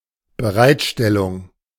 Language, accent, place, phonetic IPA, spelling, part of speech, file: German, Germany, Berlin, [bəˈʁaɪ̯tˌʃtɛlʊŋ], Bereitstellung, noun, De-Bereitstellung.ogg
- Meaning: provision